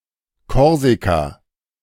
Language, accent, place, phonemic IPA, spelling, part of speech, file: German, Germany, Berlin, /ˈkɔrzika/, Korsika, proper noun, De-Korsika.ogg
- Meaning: Corsica (an island and administrative region of France, in the Mediterranean to the north of Sardinia)